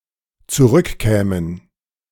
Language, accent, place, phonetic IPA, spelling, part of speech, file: German, Germany, Berlin, [t͡suˈʁʏkˌkɛːmən], zurückkämen, verb, De-zurückkämen.ogg
- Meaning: first/third-person plural dependent subjunctive II of zurückkommen